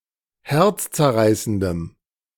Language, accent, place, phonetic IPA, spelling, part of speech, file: German, Germany, Berlin, [ˈhɛʁt͡st͡sɛɐ̯ˌʁaɪ̯səndəm], herzzerreißendem, adjective, De-herzzerreißendem.ogg
- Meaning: strong dative masculine/neuter singular of herzzerreißend